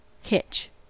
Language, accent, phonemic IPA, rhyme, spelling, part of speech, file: English, US, /hɪt͡ʃ/, -ɪtʃ, hitch, noun / verb, En-us-hitch.ogg
- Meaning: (noun) 1. A sudden pull 2. Any of various knots used to attach a rope to an object other than another rope 3. A fastener or connection point, as for a trailer